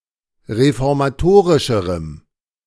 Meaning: strong dative masculine/neuter singular comparative degree of reformatorisch
- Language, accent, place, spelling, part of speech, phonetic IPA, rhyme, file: German, Germany, Berlin, reformatorischerem, adjective, [ʁefɔʁmaˈtoːʁɪʃəʁəm], -oːʁɪʃəʁəm, De-reformatorischerem.ogg